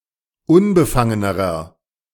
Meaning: inflection of unbefangen: 1. strong/mixed nominative masculine singular comparative degree 2. strong genitive/dative feminine singular comparative degree 3. strong genitive plural comparative degree
- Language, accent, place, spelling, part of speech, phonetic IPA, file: German, Germany, Berlin, unbefangenerer, adjective, [ˈʊnbəˌfaŋənəʁɐ], De-unbefangenerer.ogg